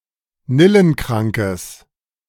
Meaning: strong/mixed nominative/accusative neuter singular of nillenkrank
- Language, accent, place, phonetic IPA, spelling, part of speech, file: German, Germany, Berlin, [ˈnɪlənˌkʁaŋkəs], nillenkrankes, adjective, De-nillenkrankes.ogg